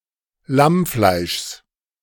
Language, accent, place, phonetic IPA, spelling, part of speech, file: German, Germany, Berlin, [ˈlamˌflaɪ̯ʃs], Lammfleischs, noun, De-Lammfleischs.ogg
- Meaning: genitive of Lammfleisch